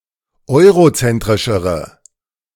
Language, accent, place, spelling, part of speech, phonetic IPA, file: German, Germany, Berlin, eurozentrischere, adjective, [ˈɔɪ̯ʁoˌt͡sɛntʁɪʃəʁə], De-eurozentrischere.ogg
- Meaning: inflection of eurozentrisch: 1. strong/mixed nominative/accusative feminine singular comparative degree 2. strong nominative/accusative plural comparative degree